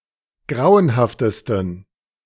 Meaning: 1. superlative degree of grauenhaft 2. inflection of grauenhaft: strong genitive masculine/neuter singular superlative degree
- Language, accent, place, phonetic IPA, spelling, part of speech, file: German, Germany, Berlin, [ˈɡʁaʊ̯ənhaftəstn̩], grauenhaftesten, adjective, De-grauenhaftesten.ogg